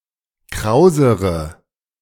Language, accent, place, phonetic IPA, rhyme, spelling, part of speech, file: German, Germany, Berlin, [ˈkʁaʊ̯zəʁə], -aʊ̯zəʁə, krausere, adjective, De-krausere.ogg
- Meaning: inflection of kraus: 1. strong/mixed nominative/accusative feminine singular comparative degree 2. strong nominative/accusative plural comparative degree